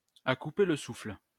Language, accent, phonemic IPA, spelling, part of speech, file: French, France, /a ku.pe l(ə) sufl/, à couper le souffle, adjective, LL-Q150 (fra)-à couper le souffle.wav
- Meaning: breathtaking, stunning, jaw-dropping